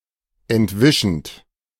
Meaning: present participle of entwischen
- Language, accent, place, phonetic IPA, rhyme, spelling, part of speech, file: German, Germany, Berlin, [ɛntˈvɪʃn̩t], -ɪʃn̩t, entwischend, verb, De-entwischend.ogg